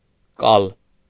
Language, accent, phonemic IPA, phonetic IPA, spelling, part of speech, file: Armenian, Eastern Armenian, /kɑl/, [kɑl], կալ, noun, Hy-կալ.ogg
- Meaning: threshing floor